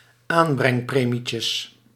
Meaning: plural of aanbrengpremietje
- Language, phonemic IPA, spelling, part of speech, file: Dutch, /ˈambrɛŋˌpremicəs/, aanbrengpremietjes, noun, Nl-aanbrengpremietjes.ogg